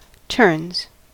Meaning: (verb) third-person singular simple present indicative of turn; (noun) plural of turn
- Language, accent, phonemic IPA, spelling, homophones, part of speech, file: English, US, /tɝnz/, turns, terns, verb / noun, En-us-turns.ogg